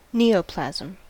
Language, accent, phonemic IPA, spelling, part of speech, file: English, US, /ˈniːoʊˌplæzəm/, neoplasm, noun, En-us-neoplasm.ogg
- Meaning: An abnormal new growth of disorganized tissue in animals or plants